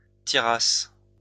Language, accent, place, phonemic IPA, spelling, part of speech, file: French, France, Lyon, /ti.ʁas/, tirasse, verb, LL-Q150 (fra)-tirasse.wav
- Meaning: first-person singular imperfect subjunctive of tirer